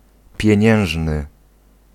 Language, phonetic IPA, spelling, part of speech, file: Polish, [pʲjɛ̇̃ˈɲɛ̃w̃ʒnɨ], pieniężny, adjective, Pl-pieniężny.ogg